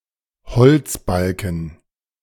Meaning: singular imperative of einbeziehen
- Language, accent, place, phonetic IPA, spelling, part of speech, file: German, Germany, Berlin, [bəˌt͡siː ˈaɪ̯n], bezieh ein, verb, De-bezieh ein.ogg